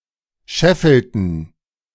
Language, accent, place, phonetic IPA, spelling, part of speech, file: German, Germany, Berlin, [ˈʃɛfl̩tn̩], scheffelten, verb, De-scheffelten.ogg
- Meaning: inflection of scheffeln: 1. first/third-person plural preterite 2. first/third-person plural subjunctive II